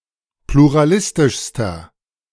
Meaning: inflection of pluralistisch: 1. strong/mixed nominative masculine singular superlative degree 2. strong genitive/dative feminine singular superlative degree
- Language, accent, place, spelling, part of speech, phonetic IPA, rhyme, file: German, Germany, Berlin, pluralistischster, adjective, [pluʁaˈlɪstɪʃstɐ], -ɪstɪʃstɐ, De-pluralistischster.ogg